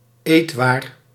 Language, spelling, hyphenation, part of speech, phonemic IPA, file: Dutch, eetwaar, eet‧waar, noun, /ˈeːt.ʋaːr/, Nl-eetwaar.ogg
- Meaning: food, foodstuff